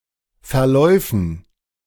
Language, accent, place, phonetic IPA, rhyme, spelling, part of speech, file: German, Germany, Berlin, [fɛɐ̯ˈlɔɪ̯fn̩], -ɔɪ̯fn̩, Verläufen, noun, De-Verläufen.ogg
- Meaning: dative plural of Verlauf